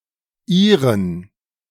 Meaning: inflection of Ihr: 1. accusative masculine singular 2. dative plural
- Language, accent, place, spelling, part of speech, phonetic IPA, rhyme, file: German, Germany, Berlin, Ihren, proper noun, [ˈiːʁən], -iːʁən, De-Ihren.ogg